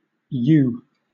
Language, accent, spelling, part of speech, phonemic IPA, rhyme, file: English, Southern England, yoo, pronoun, /juː/, -uː, LL-Q1860 (eng)-yoo.wav
- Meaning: Eye dialect spelling of you